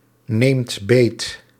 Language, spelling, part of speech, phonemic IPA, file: Dutch, neemt beet, verb, /ˈnemt ˈbet/, Nl-neemt beet.ogg
- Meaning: inflection of beetnemen: 1. second/third-person singular present indicative 2. plural imperative